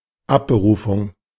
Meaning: dismissal, revocation
- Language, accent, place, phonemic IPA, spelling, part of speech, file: German, Germany, Berlin, /ˈapbəˈʁuːfʊŋ/, Abberufung, noun, De-Abberufung.ogg